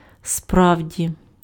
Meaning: indeed, really, truly
- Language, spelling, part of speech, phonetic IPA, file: Ukrainian, справді, adverb, [ˈsprau̯dʲi], Uk-справді.ogg